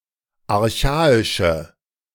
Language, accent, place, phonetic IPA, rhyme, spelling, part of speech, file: German, Germany, Berlin, [aʁˈçaːɪʃə], -aːɪʃə, archaische, adjective, De-archaische.ogg
- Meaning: inflection of archaisch: 1. strong/mixed nominative/accusative feminine singular 2. strong nominative/accusative plural 3. weak nominative all-gender singular